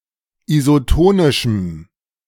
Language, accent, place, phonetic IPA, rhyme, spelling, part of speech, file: German, Germany, Berlin, [izoˈtoːnɪʃm̩], -oːnɪʃm̩, isotonischem, adjective, De-isotonischem.ogg
- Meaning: strong dative masculine/neuter singular of isotonisch